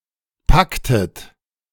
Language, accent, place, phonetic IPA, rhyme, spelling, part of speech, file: German, Germany, Berlin, [ˈpaktət], -aktət, packtet, verb, De-packtet.ogg
- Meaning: inflection of packen: 1. second-person plural preterite 2. second-person plural subjunctive II